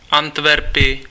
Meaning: 1. Antwerp (a province of Flanders, Belgium) 2. Antwerp (the largest city and provincial capital of the province of Antwerp, Belgium)
- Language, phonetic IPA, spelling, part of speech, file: Czech, [ˈantvɛrpɪ], Antverpy, proper noun, Cs-Antverpy.ogg